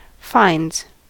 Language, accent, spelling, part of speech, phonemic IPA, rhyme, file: English, US, finds, noun / verb, /faɪndz/, -aɪndz, En-us-finds.ogg
- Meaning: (noun) plural of find; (verb) third-person singular simple present indicative of find